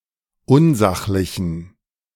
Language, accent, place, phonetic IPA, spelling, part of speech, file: German, Germany, Berlin, [ˈʊnˌzaxlɪçn̩], unsachlichen, adjective, De-unsachlichen.ogg
- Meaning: inflection of unsachlich: 1. strong genitive masculine/neuter singular 2. weak/mixed genitive/dative all-gender singular 3. strong/weak/mixed accusative masculine singular 4. strong dative plural